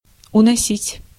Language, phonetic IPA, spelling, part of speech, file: Russian, [ʊnɐˈsʲitʲ], уносить, verb, Ru-уносить.ogg
- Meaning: 1. to take away, to take off, to carry (away) 2. to take (a life), to claim (a life)